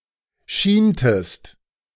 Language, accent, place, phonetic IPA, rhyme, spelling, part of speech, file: German, Germany, Berlin, [ˈʃiːntəst], -iːntəst, schientest, verb, De-schientest.ogg
- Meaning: inflection of schienen: 1. second-person singular preterite 2. second-person singular subjunctive II